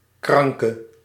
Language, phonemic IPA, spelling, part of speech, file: Dutch, /ˈkrɑŋkə/, kranke, noun / adjective, Nl-kranke.ogg
- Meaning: inflection of krank: 1. masculine/feminine singular attributive 2. definite neuter singular attributive 3. plural attributive